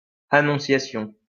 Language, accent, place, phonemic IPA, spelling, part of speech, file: French, France, Lyon, /a.nɔ̃.sja.sjɔ̃/, annonciation, noun, LL-Q150 (fra)-annonciation.wav
- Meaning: annunciation, announcement